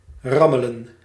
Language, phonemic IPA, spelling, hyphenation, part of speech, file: Dutch, /ˈrɑ.mə.lə(n)/, rammelen, ram‧me‧len, verb, Nl-rammelen.ogg
- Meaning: 1. to shake 2. to clatter, to rattle 3. to beat, to hit, to beat up, (historically) to whip 4. to be shaky, to be incoherent 5. to growl, to have one's stomach growl 6. to copulate